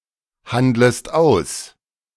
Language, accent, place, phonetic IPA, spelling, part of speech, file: German, Germany, Berlin, [ˌhandləst ˈaʊ̯s], handlest aus, verb, De-handlest aus.ogg
- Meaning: second-person singular subjunctive I of aushandeln